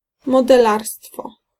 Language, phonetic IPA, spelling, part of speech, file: Polish, [ˌmɔdɛˈlarstfɔ], modelarstwo, noun, Pl-modelarstwo.ogg